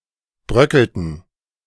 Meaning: inflection of bröckeln: 1. first/third-person plural preterite 2. first/third-person plural subjunctive II
- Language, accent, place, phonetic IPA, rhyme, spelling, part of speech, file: German, Germany, Berlin, [ˈbʁœkl̩tn̩], -œkl̩tn̩, bröckelten, verb, De-bröckelten.ogg